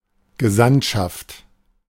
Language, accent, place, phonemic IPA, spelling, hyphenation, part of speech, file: German, Germany, Berlin, /ɡəˈzantʃaft/, Gesandtschaft, Ge‧sandt‧schaft, noun, De-Gesandtschaft.ogg
- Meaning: legation (a former type of diplomatic mission that is one step down from an embassy, headed by an envoy)